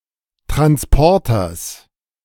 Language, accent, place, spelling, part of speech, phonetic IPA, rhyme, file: German, Germany, Berlin, Transporters, noun, [tʁansˈpɔʁtɐs], -ɔʁtɐs, De-Transporters.ogg
- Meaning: genitive singular of Transporter